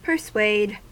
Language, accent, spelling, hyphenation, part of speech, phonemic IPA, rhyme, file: English, US, persuade, per‧suade, verb, /pə(ɹ)ˈsweɪd/, -eɪd, En-us-persuade.ogg
- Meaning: To successfully convince (someone) to agree to, accept, or do something, usually through reasoning and verbal influence